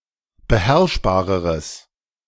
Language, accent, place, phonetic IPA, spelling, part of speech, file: German, Germany, Berlin, [bəˈhɛʁʃbaːʁəʁəs], beherrschbareres, adjective, De-beherrschbareres.ogg
- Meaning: strong/mixed nominative/accusative neuter singular comparative degree of beherrschbar